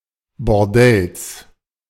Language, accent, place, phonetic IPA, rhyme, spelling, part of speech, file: German, Germany, Berlin, [bɔʁˈdɛls], -ɛls, Bordells, noun, De-Bordells.ogg
- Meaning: genitive singular of Bordell